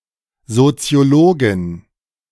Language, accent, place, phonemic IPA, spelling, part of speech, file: German, Germany, Berlin, /zot͡sɪ̯oˈloːɡɪn/, Soziologin, noun, De-Soziologin.ogg
- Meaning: female sociologist